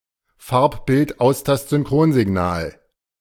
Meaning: CVBS
- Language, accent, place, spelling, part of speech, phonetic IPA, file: German, Germany, Berlin, Farb-Bild-Austast-Synchronsignal, noun, [ˈfaʁpbɪltˈʔaʊ̯stastzʏnˈkʁoːnzɪˌɡnaːl], De-Farb-Bild-Austast-Synchronsignal.ogg